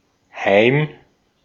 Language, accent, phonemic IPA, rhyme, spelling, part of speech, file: German, Austria, /haɪ̯m/, -aɪ̯m, Heim, noun, De-at-Heim.ogg
- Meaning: 1. home, one’s dwelling, the place where one is at home 2. a home, asylum, hostel (residence for some specified group)